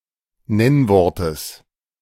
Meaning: genitive singular of Nennwort
- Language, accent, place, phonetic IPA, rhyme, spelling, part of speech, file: German, Germany, Berlin, [ˈnɛnvɔʁtəs], -ɛnvɔʁtəs, Nennwortes, noun, De-Nennwortes.ogg